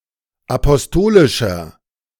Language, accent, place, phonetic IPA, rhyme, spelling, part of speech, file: German, Germany, Berlin, [apɔsˈtoːlɪʃɐ], -oːlɪʃɐ, apostolischer, adjective, De-apostolischer.ogg
- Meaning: inflection of apostolisch: 1. strong/mixed nominative masculine singular 2. strong genitive/dative feminine singular 3. strong genitive plural